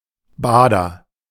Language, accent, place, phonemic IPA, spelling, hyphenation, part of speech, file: German, Germany, Berlin, /ˈbaːdɐ/, Bader, Ba‧der, noun, De-Bader.ogg
- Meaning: barber surgeon